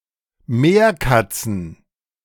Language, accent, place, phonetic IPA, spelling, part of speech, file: German, Germany, Berlin, [ˈmeːɐ̯ˌkat͡sn̩], Meerkatzen, noun, De-Meerkatzen.ogg
- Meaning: plural of Meerkatze